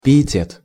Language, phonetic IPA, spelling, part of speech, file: Russian, [pʲɪ(j)ɪˈtʲet], пиетет, noun, Ru-пиетет.ogg
- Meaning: piety, reverence